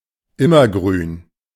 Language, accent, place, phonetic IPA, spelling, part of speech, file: German, Germany, Berlin, [ˈɪmɐˌɡʁyːn], immergrün, adjective, De-immergrün.ogg
- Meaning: evergreen